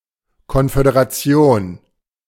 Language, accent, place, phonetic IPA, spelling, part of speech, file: German, Germany, Berlin, [ˌkɔnfødeʁaˈt͡si̯oːn], Konföderation, noun, De-Konföderation.ogg
- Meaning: confederation, confederacy (a union or alliance of (largely) self-governing political entities, such as sovereign states or countries)